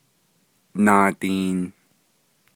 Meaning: twenty
- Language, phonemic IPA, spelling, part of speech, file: Navajo, /nɑ̀ːtìːn/, naadiin, numeral, Nv-naadiin.ogg